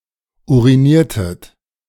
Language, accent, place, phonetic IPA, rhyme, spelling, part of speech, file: German, Germany, Berlin, [ˌuʁiˈniːɐ̯tət], -iːɐ̯tət, uriniertet, verb, De-uriniertet.ogg
- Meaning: inflection of urinieren: 1. second-person plural preterite 2. second-person plural subjunctive II